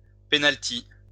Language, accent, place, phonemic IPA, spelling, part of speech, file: French, France, Lyon, /pe.nal.ti/, pénalty, noun, LL-Q150 (fra)-pénalty.wav
- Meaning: post-1990 spelling of penalty